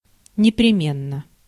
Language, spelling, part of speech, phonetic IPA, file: Russian, непременно, adverb / adjective, [nʲɪprʲɪˈmʲenːə], Ru-непременно.ogg
- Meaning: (adverb) without fail, certainly; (adjective) short neuter singular of непреме́нный (nepreménnyj, “indispensable, permanent”)